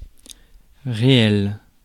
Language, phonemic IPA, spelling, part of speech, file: French, /ʁe.ɛl/, réel, adjective / noun, Fr-réel.ogg
- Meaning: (adjective) 1. real (true, factual, not fictional) 2. real (of a number); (noun) real (reality)